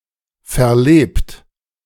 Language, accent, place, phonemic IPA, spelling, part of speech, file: German, Germany, Berlin, /ˌfɛɐ̯ˈleːpt/, verlebt, verb / adjective, De-verlebt.ogg
- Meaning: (verb) past participle of verleben; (adjective) 1. spent, jaded (of a person, consumed by life) 2. worn out, used (of an object); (verb) inflection of verleben: second-person plural present